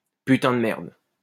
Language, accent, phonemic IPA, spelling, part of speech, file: French, France, /py.tɛ̃ d(ə) mɛʁd/, putain de merde, interjection, LL-Q150 (fra)-putain de merde.wav
- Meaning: fucking hell; holy shit; goddamn